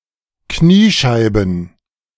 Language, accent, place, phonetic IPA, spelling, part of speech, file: German, Germany, Berlin, [ˈkniːˌʃaɪ̯bn̩], Kniescheiben, noun, De-Kniescheiben.ogg
- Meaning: plural of Kniescheibe